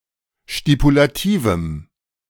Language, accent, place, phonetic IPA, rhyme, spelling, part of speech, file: German, Germany, Berlin, [ʃtipulaˈtiːvm̩], -iːvm̩, stipulativem, adjective, De-stipulativem.ogg
- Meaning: strong dative masculine/neuter singular of stipulativ